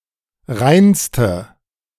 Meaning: inflection of rein: 1. strong/mixed nominative/accusative feminine singular superlative degree 2. strong nominative/accusative plural superlative degree
- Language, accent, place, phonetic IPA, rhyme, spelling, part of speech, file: German, Germany, Berlin, [ˈʁaɪ̯nstə], -aɪ̯nstə, reinste, adjective, De-reinste.ogg